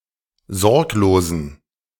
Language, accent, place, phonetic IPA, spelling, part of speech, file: German, Germany, Berlin, [ˈzɔʁkloːzn̩], sorglosen, adjective, De-sorglosen.ogg
- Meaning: inflection of sorglos: 1. strong genitive masculine/neuter singular 2. weak/mixed genitive/dative all-gender singular 3. strong/weak/mixed accusative masculine singular 4. strong dative plural